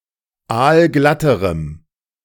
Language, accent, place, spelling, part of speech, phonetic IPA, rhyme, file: German, Germany, Berlin, aalglatterem, adjective, [ˈaːlˈɡlatəʁəm], -atəʁəm, De-aalglatterem.ogg
- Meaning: strong dative masculine/neuter singular comparative degree of aalglatt